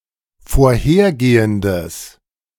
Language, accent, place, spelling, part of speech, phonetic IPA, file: German, Germany, Berlin, vorhergehendes, adjective, [foːɐ̯ˈheːɐ̯ˌɡeːəndəs], De-vorhergehendes.ogg
- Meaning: strong/mixed nominative/accusative neuter singular of vorhergehend